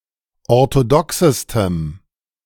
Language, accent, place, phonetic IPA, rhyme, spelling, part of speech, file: German, Germany, Berlin, [ɔʁtoˈdɔksəstəm], -ɔksəstəm, orthodoxestem, adjective, De-orthodoxestem.ogg
- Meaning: strong dative masculine/neuter singular superlative degree of orthodox